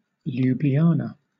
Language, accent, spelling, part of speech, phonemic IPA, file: English, Southern England, Ljubljana, proper noun, /ˌl(j)ʊbliˈɑːnə/, LL-Q1860 (eng)-Ljubljana.wav
- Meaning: 1. The capital city of Slovenia 2. The capital city of Slovenia.: The Slovenian government